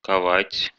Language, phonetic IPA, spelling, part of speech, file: Russian, [kɐˈvatʲ], ковать, verb, Ru-ковать.ogg
- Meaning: 1. to forge 2. to shoe (horses)